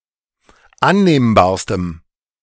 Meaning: strong dative masculine/neuter singular superlative degree of annehmbar
- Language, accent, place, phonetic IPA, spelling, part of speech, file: German, Germany, Berlin, [ˈanneːmbaːɐ̯stəm], annehmbarstem, adjective, De-annehmbarstem.ogg